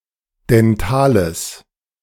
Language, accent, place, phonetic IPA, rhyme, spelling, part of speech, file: German, Germany, Berlin, [dɛnˈtaːləs], -aːləs, dentales, adjective, De-dentales.ogg
- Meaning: strong/mixed nominative/accusative neuter singular of dental